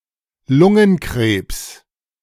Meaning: lung cancer
- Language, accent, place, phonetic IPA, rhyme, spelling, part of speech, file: German, Germany, Berlin, [ˈlʊŋənˌkʁeːps], -ʊŋənkʁeːps, Lungenkrebs, noun, De-Lungenkrebs.ogg